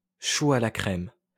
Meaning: cream puff
- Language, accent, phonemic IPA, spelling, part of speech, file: French, France, /ʃu a la kʁɛm/, chou à la crème, noun, LL-Q150 (fra)-chou à la crème.wav